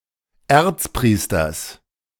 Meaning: genitive singular of Erzpriester
- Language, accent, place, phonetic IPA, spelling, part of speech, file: German, Germany, Berlin, [ˈɛʁt͡sˌpʁiːstɐs], Erzpriesters, noun, De-Erzpriesters.ogg